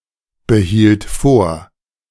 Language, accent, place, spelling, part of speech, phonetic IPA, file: German, Germany, Berlin, behielt vor, verb, [bəˌhiːlt ˈfoːɐ̯], De-behielt vor.ogg
- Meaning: first/third-person singular preterite of vorbehalten